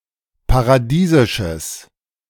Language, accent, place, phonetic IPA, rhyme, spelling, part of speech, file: German, Germany, Berlin, [paʁaˈdiːzɪʃəs], -iːzɪʃəs, paradiesisches, adjective, De-paradiesisches.ogg
- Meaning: strong/mixed nominative/accusative neuter singular of paradiesisch